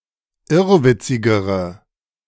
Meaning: inflection of irrwitzig: 1. strong/mixed nominative/accusative feminine singular comparative degree 2. strong nominative/accusative plural comparative degree
- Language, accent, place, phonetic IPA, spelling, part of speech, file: German, Germany, Berlin, [ˈɪʁvɪt͡sɪɡəʁə], irrwitzigere, adjective, De-irrwitzigere.ogg